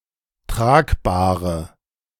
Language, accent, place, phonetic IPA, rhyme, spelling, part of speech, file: German, Germany, Berlin, [ˈtʁaːkˌbaːʁə], -aːkbaːʁə, Tragbahre, noun, De-Tragbahre.ogg
- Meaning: stretcher, gurney